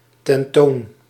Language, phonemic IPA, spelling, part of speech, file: Dutch, /tɛnˈton/, tentoon, adverb, Nl-tentoon.ogg
- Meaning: only used in tentoonstellen